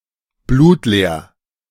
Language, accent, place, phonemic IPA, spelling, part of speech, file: German, Germany, Berlin, /ˈbluːtˌleːɐ̯/, blutleer, adjective, De-blutleer.ogg
- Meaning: 1. bloodless 2. lifeless; boring